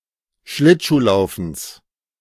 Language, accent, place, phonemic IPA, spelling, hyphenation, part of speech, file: German, Germany, Berlin, /ˈʃlɪtʃuːˌlaʊ̯fn̩s/, Schlittschuhlaufens, Schlitt‧schuh‧lau‧fens, noun, De-Schlittschuhlaufens.ogg
- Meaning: genitive singular of Schlittschuhlaufen